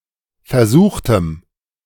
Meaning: inflection of versuchen: 1. first/third-person plural preterite 2. first/third-person plural subjunctive II
- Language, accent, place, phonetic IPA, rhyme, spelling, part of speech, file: German, Germany, Berlin, [fɛɐ̯ˈzuːxtn̩], -uːxtn̩, versuchten, adjective / verb, De-versuchten.ogg